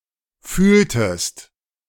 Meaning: inflection of fühlen: 1. second-person singular preterite 2. second-person singular subjunctive II
- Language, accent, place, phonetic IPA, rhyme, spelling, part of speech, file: German, Germany, Berlin, [ˈfyːltəst], -yːltəst, fühltest, verb, De-fühltest.ogg